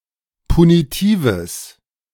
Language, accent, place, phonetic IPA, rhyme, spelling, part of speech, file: German, Germany, Berlin, [puniˈtiːvəs], -iːvəs, punitives, adjective, De-punitives.ogg
- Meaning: strong/mixed nominative/accusative neuter singular of punitiv